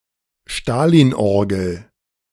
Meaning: Katyusha (type of artillery rocket launcher); Stalin's organ
- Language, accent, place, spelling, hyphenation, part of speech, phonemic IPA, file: German, Germany, Berlin, Stalinorgel, Sta‧lin‧or‧gel, noun, /ˈʃtaːliːnˌʔɔʁɡl̩/, De-Stalinorgel.ogg